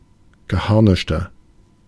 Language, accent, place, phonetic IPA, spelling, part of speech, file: German, Germany, Berlin, [ɡəˈhaʁnɪʃtɐ], geharnischter, adjective, De-geharnischter.ogg
- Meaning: inflection of geharnischt: 1. strong/mixed nominative masculine singular 2. strong genitive/dative feminine singular 3. strong genitive plural